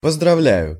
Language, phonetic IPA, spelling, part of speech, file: Russian, [pəzdrɐˈvlʲæjʊ], поздравляю, verb, Ru-поздравляю.ogg
- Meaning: first-person singular present indicative imperfective of поздравля́ть (pozdravljátʹ)